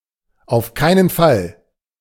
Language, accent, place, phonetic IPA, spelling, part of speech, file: German, Germany, Berlin, [aʊ̯f ˈkaɪ̯nən ˈfal], auf keinen Fall, phrase, De-auf keinen Fall.ogg
- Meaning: under no circumstances, no way, by no means, no chance, absolutely not